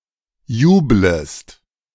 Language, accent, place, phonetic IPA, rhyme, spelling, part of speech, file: German, Germany, Berlin, [ˈjuːbləst], -uːbləst, jublest, verb, De-jublest.ogg
- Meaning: second-person singular subjunctive I of jubeln